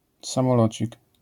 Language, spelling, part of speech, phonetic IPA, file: Polish, samolocik, noun, [ˌsãmɔˈlɔt͡ɕik], LL-Q809 (pol)-samolocik.wav